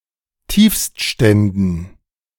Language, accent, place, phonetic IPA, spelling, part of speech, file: German, Germany, Berlin, [ˈtiːfstˌʃtɛndn̩], Tiefstständen, noun, De-Tiefstständen.ogg
- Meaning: dative plural of Tiefststand